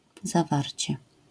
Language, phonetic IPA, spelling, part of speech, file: Polish, [zaˈvarʲt͡ɕɛ], zawarcie, noun, LL-Q809 (pol)-zawarcie.wav